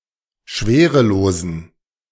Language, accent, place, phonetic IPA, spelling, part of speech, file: German, Germany, Berlin, [ˈʃveːʁəˌloːzn̩], schwerelosen, adjective, De-schwerelosen.ogg
- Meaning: inflection of schwerelos: 1. strong genitive masculine/neuter singular 2. weak/mixed genitive/dative all-gender singular 3. strong/weak/mixed accusative masculine singular 4. strong dative plural